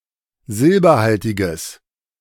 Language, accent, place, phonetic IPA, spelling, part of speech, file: German, Germany, Berlin, [ˈzɪlbɐˌhaltɪɡəs], silberhaltiges, adjective, De-silberhaltiges.ogg
- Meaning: strong/mixed nominative/accusative neuter singular of silberhaltig